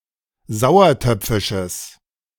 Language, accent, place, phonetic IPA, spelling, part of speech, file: German, Germany, Berlin, [ˈzaʊ̯ɐˌtœp͡fɪʃəs], sauertöpfisches, adjective, De-sauertöpfisches.ogg
- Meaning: strong/mixed nominative/accusative neuter singular of sauertöpfisch